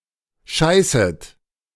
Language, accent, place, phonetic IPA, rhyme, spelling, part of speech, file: German, Germany, Berlin, [ˈʃaɪ̯sət], -aɪ̯sət, scheißet, verb, De-scheißet.ogg
- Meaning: second-person plural subjunctive I of scheißen